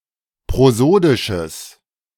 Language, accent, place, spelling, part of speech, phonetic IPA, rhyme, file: German, Germany, Berlin, prosodisches, adjective, [pʁoˈzoːdɪʃəs], -oːdɪʃəs, De-prosodisches.ogg
- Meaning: strong/mixed nominative/accusative neuter singular of prosodisch